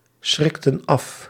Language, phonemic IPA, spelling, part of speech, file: Dutch, /ˈsxrɔkə(n) ˈɑf/, schrikten af, verb, Nl-schrikten af.ogg
- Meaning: inflection of afschrikken: 1. plural past indicative 2. plural past subjunctive